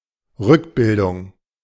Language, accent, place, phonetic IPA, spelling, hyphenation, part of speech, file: German, Germany, Berlin, [ˈʁʏkˌbɪldʊŋ], Rückbildung, Rück‧bil‧dung, noun, De-Rückbildung.ogg
- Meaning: back-formation